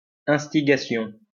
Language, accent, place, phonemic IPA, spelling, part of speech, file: French, France, Lyon, /ɛ̃s.ti.ɡa.sjɔ̃/, instigation, noun, LL-Q150 (fra)-instigation.wav
- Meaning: instigation